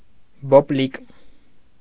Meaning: alternative form of բոբիկ (bobik)
- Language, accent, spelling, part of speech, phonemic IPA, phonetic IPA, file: Armenian, Eastern Armenian, բոպլիկ, adjective, /bopˈlik/, [boplík], Hy-բոպլիկ.ogg